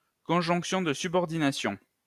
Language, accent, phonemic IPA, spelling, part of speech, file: French, France, /kɔ̃.ʒɔ̃k.sjɔ̃ d(ə) sy.bɔʁ.di.na.sjɔ̃/, conjonction de subordination, noun, LL-Q150 (fra)-conjonction de subordination.wav
- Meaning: subordinating conjunction